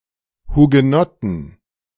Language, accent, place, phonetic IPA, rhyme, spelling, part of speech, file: German, Germany, Berlin, [huɡəˈnɔtn̩], -ɔtn̩, Hugenotten, noun, De-Hugenotten.ogg
- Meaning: inflection of Hugenotte: 1. genitive/dative/accusative singular 2. nominative/genitive/dative/accusative plural